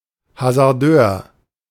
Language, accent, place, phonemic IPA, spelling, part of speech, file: German, Germany, Berlin, /hazaʁˈdøːɐ̯/, Hasardeur, noun, De-Hasardeur.ogg
- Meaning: gambler, player